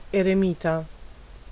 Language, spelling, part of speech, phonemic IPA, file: Italian, eremita, adjective / noun, /ereˈmita/, It-eremita.ogg